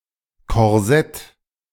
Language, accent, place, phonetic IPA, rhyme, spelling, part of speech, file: German, Germany, Berlin, [kɔʁˈzɛt], -ɛt, Korsett, noun, De-Korsett.ogg
- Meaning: corset